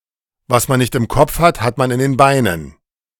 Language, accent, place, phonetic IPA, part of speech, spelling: German, Germany, Berlin, [vas man nɪçt ɪm ˈkɔp͡f hat hat man ɪn deːn ˈbaɪ̯nən], phrase, was man nicht im Kopf hat, hat man in den Beinen
- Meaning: those who do not think (especially those who forget an item) have to make a physical effort to deal with the consequences